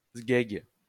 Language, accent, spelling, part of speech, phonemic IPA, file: French, France, sguègue, noun, /sɡɛɡ/, LL-Q150 (fra)-sguègue.wav
- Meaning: 1. cock (penis) 2. good-for-nothing